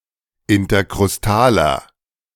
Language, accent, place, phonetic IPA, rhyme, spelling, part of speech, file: German, Germany, Berlin, [ɪntɐkʁʊsˈtaːlɐ], -aːlɐ, interkrustaler, adjective, De-interkrustaler.ogg
- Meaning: inflection of interkrustal: 1. strong/mixed nominative masculine singular 2. strong genitive/dative feminine singular 3. strong genitive plural